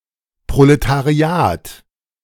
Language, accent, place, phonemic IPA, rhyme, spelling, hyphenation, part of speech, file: German, Germany, Berlin, /pʁolətaˈʁi̯aːt/, -aːt, Proletariat, Pro‧le‧ta‧ri‧at, noun, De-Proletariat.ogg
- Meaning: proletariat